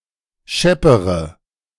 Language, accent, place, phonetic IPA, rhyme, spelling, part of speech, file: German, Germany, Berlin, [ˈʃɛpəʁə], -ɛpəʁə, scheppere, adjective / verb, De-scheppere.ogg
- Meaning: inflection of schepp: 1. strong/mixed nominative/accusative feminine singular comparative degree 2. strong nominative/accusative plural comparative degree